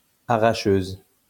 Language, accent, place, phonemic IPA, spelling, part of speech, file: French, France, Lyon, /a.ʁa.ʃøz/, arracheuse, noun, LL-Q150 (fra)-arracheuse.wav
- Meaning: female equivalent of arracheur